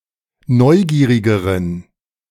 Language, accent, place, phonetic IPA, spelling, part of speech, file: German, Germany, Berlin, [ˈnɔɪ̯ˌɡiːʁɪɡəʁən], neugierigeren, adjective, De-neugierigeren.ogg
- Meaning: inflection of neugierig: 1. strong genitive masculine/neuter singular comparative degree 2. weak/mixed genitive/dative all-gender singular comparative degree